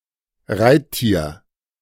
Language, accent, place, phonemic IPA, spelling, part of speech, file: German, Germany, Berlin, /ˈraɪ̯tˌtiːr/, Reittier, noun, De-Reittier.ogg
- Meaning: a mount, an animal that can be ridden by humans (such as a horse or camel)